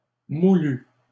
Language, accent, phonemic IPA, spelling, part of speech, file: French, Canada, /mu.ly/, moulu, verb, LL-Q150 (fra)-moulu.wav
- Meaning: past participle of moudre